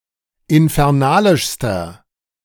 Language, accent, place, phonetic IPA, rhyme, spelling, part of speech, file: German, Germany, Berlin, [ɪnfɛʁˈnaːlɪʃstɐ], -aːlɪʃstɐ, infernalischster, adjective, De-infernalischster.ogg
- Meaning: inflection of infernalisch: 1. strong/mixed nominative masculine singular superlative degree 2. strong genitive/dative feminine singular superlative degree 3. strong genitive plural superlative degree